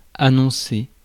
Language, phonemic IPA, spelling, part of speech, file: French, /a.nɔ̃.se/, annoncer, verb, Fr-annoncer.ogg
- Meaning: 1. to announce 2. to predict, foretell 3. to declare 4. to approach 5. to show 6. to promise to be